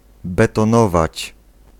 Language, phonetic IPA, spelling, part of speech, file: Polish, [ˌbɛtɔ̃ˈnɔvat͡ɕ], betonować, verb, Pl-betonować.ogg